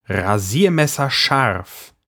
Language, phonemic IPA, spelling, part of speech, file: German, /ʁaˈziːɐ̯mɛsɐˌʃaʁf/, rasiermesserscharf, adjective, De-rasiermesserscharf.ogg
- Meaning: razor-sharp